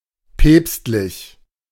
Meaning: papal
- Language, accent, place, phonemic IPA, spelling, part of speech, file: German, Germany, Berlin, /ˈpɛːps(t).lɪç/, päpstlich, adjective, De-päpstlich.ogg